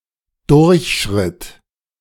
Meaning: first/third-person singular preterite of durchschreiten
- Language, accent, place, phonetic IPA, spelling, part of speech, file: German, Germany, Berlin, [ˈdʊʁçˌʃʁɪt], durchschritt, verb, De-durchschritt.ogg